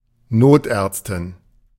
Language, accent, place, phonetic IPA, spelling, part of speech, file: German, Germany, Berlin, [ˈnoːtʔɛːɐ̯t͡stɪn], Notärztin, noun, De-Notärztin.ogg
- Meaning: emergency physician (female)